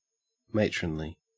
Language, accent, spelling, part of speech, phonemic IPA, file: English, Australia, matronly, adjective / adverb, /ˈmeɪtɹənli/, En-au-matronly.ogg
- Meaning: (adjective) 1. In the capacity of a matron; serving as a housekeeper or head nurse 2. Exuding the authority, wisdom, power, and intelligence of an experienced woman